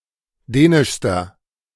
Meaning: inflection of dänisch: 1. strong/mixed nominative masculine singular superlative degree 2. strong genitive/dative feminine singular superlative degree 3. strong genitive plural superlative degree
- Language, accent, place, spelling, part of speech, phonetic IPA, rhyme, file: German, Germany, Berlin, dänischster, adjective, [ˈdɛːnɪʃstɐ], -ɛːnɪʃstɐ, De-dänischster.ogg